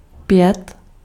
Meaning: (numeral) five; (verb) to sing
- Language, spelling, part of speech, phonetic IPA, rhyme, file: Czech, pět, numeral / verb, [ˈpjɛt], -ɛt, Cs-pět.ogg